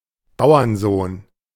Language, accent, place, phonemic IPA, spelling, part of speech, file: German, Germany, Berlin, /ˈbaʊ̯ɐnˌzoːn/, Bauernsohn, noun, De-Bauernsohn.ogg
- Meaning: farmer's son